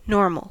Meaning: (adjective) According to norms or rules or to a regular pattern
- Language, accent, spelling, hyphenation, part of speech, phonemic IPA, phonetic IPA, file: English, General American, normal, norm‧al, adjective / noun, /ˈnoɹ.məl/, [ˈnoɹ.mɫ̩], En-us-normal.ogg